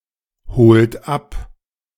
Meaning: inflection of abholen: 1. third-person singular present 2. second-person plural present 3. plural imperative
- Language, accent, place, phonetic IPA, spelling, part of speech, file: German, Germany, Berlin, [ˌhoːlt ˈap], holt ab, verb, De-holt ab.ogg